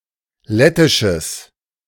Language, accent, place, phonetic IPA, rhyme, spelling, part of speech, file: German, Germany, Berlin, [ˈlɛtɪʃəs], -ɛtɪʃəs, lettisches, adjective, De-lettisches.ogg
- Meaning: strong/mixed nominative/accusative neuter singular of lettisch